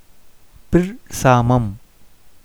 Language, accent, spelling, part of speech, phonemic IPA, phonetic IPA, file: Tamil, India, பிற்சாமம், noun, /pɪrtʃɑːmɐm/, [pɪrsäːmɐm], Ta-பிற்சாமம்.ogg
- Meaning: The fourth and last watch of the night